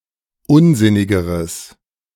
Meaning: strong/mixed nominative/accusative neuter singular comparative degree of unsinnig
- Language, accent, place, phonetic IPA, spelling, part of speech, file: German, Germany, Berlin, [ˈʊnˌzɪnɪɡəʁəs], unsinnigeres, adjective, De-unsinnigeres.ogg